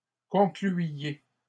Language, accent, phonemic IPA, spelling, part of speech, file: French, Canada, /kɔ̃.kly.je/, concluiez, verb, LL-Q150 (fra)-concluiez.wav
- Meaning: inflection of conclure: 1. second-person plural imperfect indicative 2. second-person plural present subjunctive